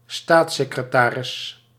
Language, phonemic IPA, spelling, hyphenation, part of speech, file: Dutch, /ˈstaːt.seː.krəˌtaː.rɪs/, staatssecretaris, staats‧se‧cre‧ta‧ris, noun, Nl-staatssecretaris.ogg
- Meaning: junior minister, deputy minister